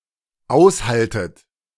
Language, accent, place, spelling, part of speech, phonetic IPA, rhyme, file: German, Germany, Berlin, aushaltet, verb, [ˈaʊ̯sˌhaltət], -aʊ̯shaltət, De-aushaltet.ogg
- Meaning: inflection of aushalten: 1. second-person plural dependent present 2. second-person plural dependent subjunctive I